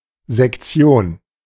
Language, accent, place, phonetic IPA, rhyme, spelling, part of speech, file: German, Germany, Berlin, [zɛkˈt͡si̯oːn], -oːn, Sektion, noun, De-Sektion.ogg
- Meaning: 1. section (especially of a club or organisation) 2. dissection 3. autopsy